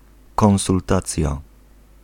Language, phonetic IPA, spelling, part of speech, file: Polish, [ˌkɔ̃w̃sulˈtat͡sʲja], konsultacja, noun, Pl-konsultacja.ogg